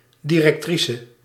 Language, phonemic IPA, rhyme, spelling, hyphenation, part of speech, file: Dutch, /ˌdi.rɛkˈtri.sə/, -isə, directrice, di‧rec‧tri‧ce, noun, Nl-directrice.ogg
- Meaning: female equivalent of directeur